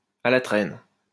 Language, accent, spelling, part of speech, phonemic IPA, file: French, France, à la traîne, adjective, /a la tʁɛn/, LL-Q150 (fra)-à la traîne.wav
- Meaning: behind the times, lagging behind